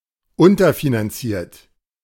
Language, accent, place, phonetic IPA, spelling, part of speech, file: German, Germany, Berlin, [ˈʊntɐfinanˌt͡siːɐ̯t], unterfinanziert, adjective / verb, De-unterfinanziert.ogg
- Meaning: past participle of unterfinanzieren